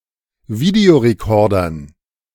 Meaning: dative plural of Videorekorder
- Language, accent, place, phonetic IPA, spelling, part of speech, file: German, Germany, Berlin, [ˈvideoʁeˌkɔʁdɐn], Videorekordern, noun, De-Videorekordern.ogg